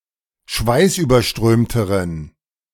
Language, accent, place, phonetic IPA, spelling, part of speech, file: German, Germany, Berlin, [ˈʃvaɪ̯sʔyːbɐˌʃtʁøːmtəʁən], schweißüberströmteren, adjective, De-schweißüberströmteren.ogg
- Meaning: inflection of schweißüberströmt: 1. strong genitive masculine/neuter singular comparative degree 2. weak/mixed genitive/dative all-gender singular comparative degree